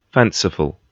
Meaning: 1. Imaginative or fantastic; ignoring reality 2. Unreal or imagined
- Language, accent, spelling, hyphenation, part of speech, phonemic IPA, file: English, UK, fanciful, fan‧ci‧ful, adjective, /ˈfænsɪfl̩/, En-gb-fanciful.ogg